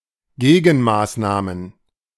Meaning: plural of Gegenmaßnahme
- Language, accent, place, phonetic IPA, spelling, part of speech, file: German, Germany, Berlin, [ˈɡeːɡn̩ˌmaːsnaːmən], Gegenmaßnahmen, noun, De-Gegenmaßnahmen.ogg